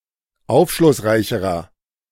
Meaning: inflection of aufschlussreich: 1. strong/mixed nominative masculine singular comparative degree 2. strong genitive/dative feminine singular comparative degree
- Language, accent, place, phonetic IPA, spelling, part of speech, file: German, Germany, Berlin, [ˈaʊ̯fʃlʊsˌʁaɪ̯çəʁɐ], aufschlussreicherer, adjective, De-aufschlussreicherer.ogg